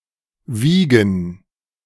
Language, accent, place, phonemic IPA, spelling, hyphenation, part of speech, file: German, Germany, Berlin, /ˈviːɡən/, wiegen, wie‧gen, verb, De-wiegen2.ogg
- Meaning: 1. to weigh; to be of a certain weight 2. to weigh; to measure the weight of 3. to move (something) from side to side; to sway; to shake; to rock 4. to chop (e.g. herbs); to mince